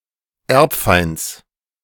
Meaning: genitive of Erbfeind
- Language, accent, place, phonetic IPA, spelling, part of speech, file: German, Germany, Berlin, [ˈɛʁpˌfaɪ̯nt͡s], Erbfeinds, noun, De-Erbfeinds.ogg